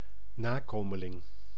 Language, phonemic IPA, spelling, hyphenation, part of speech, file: Dutch, /ˈnaːˌkoː.mə.lɪŋ/, nakomeling, na‧ko‧me‧ling, noun, Nl-nakomeling.ogg
- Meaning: descendant, offspring